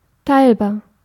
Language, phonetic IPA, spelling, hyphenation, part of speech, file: German, [ˈtaɪ̯lbaːɐ̯], teilbar, teil‧bar, adjective, De-teilbar.ogg
- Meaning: 1. divisible (capable of being divided) 2. divisible (capable of being divided): divisible (divisible by a given number without leaving a remainder)